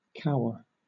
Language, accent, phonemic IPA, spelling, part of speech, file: English, Southern England, /ˈkaʊə/, cower, verb, LL-Q1860 (eng)-cower.wav
- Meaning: 1. To crouch or cringe, or to avoid or shy away from something, in fear 2. To crouch in general 3. To cause to cower; to frighten into submission